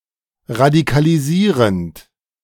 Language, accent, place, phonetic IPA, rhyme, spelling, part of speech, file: German, Germany, Berlin, [ʁadikaliˈziːʁənt], -iːʁənt, radikalisierend, verb, De-radikalisierend.ogg
- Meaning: present participle of radikalisieren